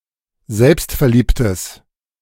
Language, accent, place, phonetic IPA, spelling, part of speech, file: German, Germany, Berlin, [ˈzɛlpstfɛɐ̯ˌliːptəs], selbstverliebtes, adjective, De-selbstverliebtes.ogg
- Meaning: strong/mixed nominative/accusative neuter singular of selbstverliebt